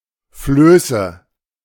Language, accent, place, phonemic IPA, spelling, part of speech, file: German, Germany, Berlin, /ˈfløːsə/, Flöße, noun, De-Flöße.ogg
- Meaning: nominative/accusative/genitive plural of Floß